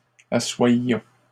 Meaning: inflection of asseoir: 1. first-person plural imperfect indicative 2. first-person plural present subjunctive
- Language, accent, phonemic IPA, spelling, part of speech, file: French, Canada, /a.swaj.jɔ̃/, assoyions, verb, LL-Q150 (fra)-assoyions.wav